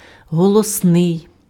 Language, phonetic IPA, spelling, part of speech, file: Ukrainian, [ɦɔɫɔsˈnɪi̯], голосний, adjective / noun, Uk-голосний.ogg
- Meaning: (adjective) 1. loud, sonorous 2. well-known 3. pretentious 4. vocalic, voiced (of a sound); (noun) vowel